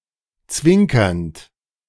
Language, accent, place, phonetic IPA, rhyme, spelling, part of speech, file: German, Germany, Berlin, [ˈt͡svɪŋkɐnt], -ɪŋkɐnt, zwinkernd, verb, De-zwinkernd.ogg
- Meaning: present participle of zwinkern